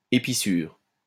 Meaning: splice
- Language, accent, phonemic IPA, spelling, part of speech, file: French, France, /e.pi.syʁ/, épissure, noun, LL-Q150 (fra)-épissure.wav